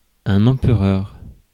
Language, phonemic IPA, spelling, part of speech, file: French, /ɑ̃.pʁœʁ/, empereur, noun, Fr-empereur.ogg
- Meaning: emperor